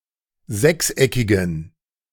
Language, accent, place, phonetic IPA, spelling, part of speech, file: German, Germany, Berlin, [ˈzɛksˌʔɛkɪɡn̩], sechseckigen, adjective, De-sechseckigen.ogg
- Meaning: inflection of sechseckig: 1. strong genitive masculine/neuter singular 2. weak/mixed genitive/dative all-gender singular 3. strong/weak/mixed accusative masculine singular 4. strong dative plural